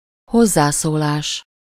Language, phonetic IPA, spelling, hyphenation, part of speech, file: Hungarian, [ˈhozːaːsoːlaːʃ], hozzászólás, hoz‧zá‧szó‧lás, noun, Hu-hozzászólás.ogg
- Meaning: contribution (of an opinion to a discussion or a debate)